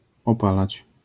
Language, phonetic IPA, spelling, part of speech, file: Polish, [ɔˈpalat͡ɕ], opalać, verb, LL-Q809 (pol)-opalać.wav